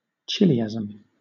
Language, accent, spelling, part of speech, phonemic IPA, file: English, Southern England, chiliasm, noun, /ˈkɪ.lɪæ.z(ə)m/, LL-Q1860 (eng)-chiliasm.wav
- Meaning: Belief in an earthly thousand-year period of peace and prosperity, sometimes equated with the return of Jesus for that period